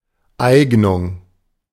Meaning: aptitude, qualification, suitability
- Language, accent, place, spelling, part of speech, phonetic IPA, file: German, Germany, Berlin, Eignung, noun, [ˈaɪ̯ɡnʊŋ], De-Eignung.ogg